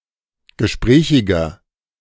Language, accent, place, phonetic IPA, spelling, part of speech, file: German, Germany, Berlin, [ɡəˈʃpʁɛːçɪɡɐ], gesprächiger, adjective, De-gesprächiger.ogg
- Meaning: 1. comparative degree of gesprächig 2. inflection of gesprächig: strong/mixed nominative masculine singular 3. inflection of gesprächig: strong genitive/dative feminine singular